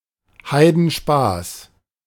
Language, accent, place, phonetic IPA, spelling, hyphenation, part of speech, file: German, Germany, Berlin, [ˈhaɪ̯dn̩ˌʃpaːs], Heidenspaß, Hei‧den‧spaß, noun, De-Heidenspaß.ogg
- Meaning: extreme fun